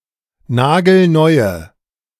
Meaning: inflection of nagelneu: 1. strong/mixed nominative/accusative feminine singular 2. strong nominative/accusative plural 3. weak nominative all-gender singular
- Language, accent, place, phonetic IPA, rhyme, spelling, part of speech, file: German, Germany, Berlin, [ˈnaːɡl̩ˈnɔɪ̯ə], -ɔɪ̯ə, nagelneue, adjective, De-nagelneue.ogg